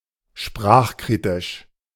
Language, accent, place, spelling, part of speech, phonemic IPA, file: German, Germany, Berlin, sprachkritisch, adjective, /ˈʃpʁaːχˌkʁiːtɪʃ/, De-sprachkritisch.ogg
- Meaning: of language criticism